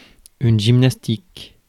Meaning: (adjective) gymnastic; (noun) 1. gymnastics 2. PE, physical education
- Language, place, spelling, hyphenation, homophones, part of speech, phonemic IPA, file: French, Paris, gymnastique, gym‧nas‧tique, gymnastiques, adjective / noun, /ʒim.nas.tik/, Fr-gymnastique.ogg